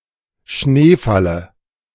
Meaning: dative of Schneefall
- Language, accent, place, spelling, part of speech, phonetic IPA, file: German, Germany, Berlin, Schneefalle, noun, [ˈʃneːˌfalə], De-Schneefalle.ogg